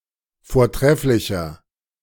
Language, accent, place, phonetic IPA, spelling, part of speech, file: German, Germany, Berlin, [foːɐ̯ˈtʁɛflɪçɐ], vortrefflicher, adjective, De-vortrefflicher.ogg
- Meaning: 1. comparative degree of vortrefflich 2. inflection of vortrefflich: strong/mixed nominative masculine singular 3. inflection of vortrefflich: strong genitive/dative feminine singular